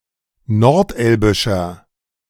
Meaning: inflection of nordelbisch: 1. strong/mixed nominative masculine singular 2. strong genitive/dative feminine singular 3. strong genitive plural
- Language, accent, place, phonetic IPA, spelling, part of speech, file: German, Germany, Berlin, [nɔʁtˈʔɛlbɪʃɐ], nordelbischer, adjective, De-nordelbischer.ogg